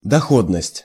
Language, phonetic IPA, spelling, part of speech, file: Russian, [dɐˈxodnəsʲtʲ], доходность, noun, Ru-доходность.ogg
- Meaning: profitability